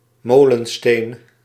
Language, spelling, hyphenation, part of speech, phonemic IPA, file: Dutch, molensteen, mo‧len‧steen, noun, /ˈmoːlə(n)ˌsteːn/, Nl-molensteen.ogg
- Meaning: millstone